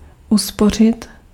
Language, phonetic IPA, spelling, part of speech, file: Czech, [ˈuspor̝ɪt], uspořit, verb, Cs-uspořit.ogg
- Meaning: to save (money for future use)